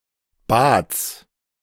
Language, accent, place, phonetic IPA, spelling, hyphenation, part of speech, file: German, Germany, Berlin, [bats], Bads, Bads, noun, De-Bads.ogg
- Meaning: genitive singular of Bad